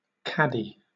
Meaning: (noun) 1. A small box or tin (can) with a lid for holding dried tea leaves used to brew tea 2. A (usually small) box, chest, or tin with a lid, and often with partitions, used to keep things in
- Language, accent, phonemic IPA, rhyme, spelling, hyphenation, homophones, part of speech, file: English, Southern England, /ˈkædi/, -ædi, caddy, cad‧dy, cattie, noun / verb, LL-Q1860 (eng)-caddy.wav